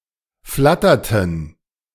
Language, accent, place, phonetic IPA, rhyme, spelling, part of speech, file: German, Germany, Berlin, [ˈflatɐtn̩], -atɐtn̩, flatterten, verb, De-flatterten.ogg
- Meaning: inflection of flattern: 1. first/third-person plural preterite 2. first/third-person plural subjunctive II